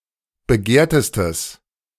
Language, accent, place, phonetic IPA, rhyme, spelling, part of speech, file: German, Germany, Berlin, [bəˈɡeːɐ̯təstəs], -eːɐ̯təstəs, begehrtestes, adjective, De-begehrtestes.ogg
- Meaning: strong/mixed nominative/accusative neuter singular superlative degree of begehrt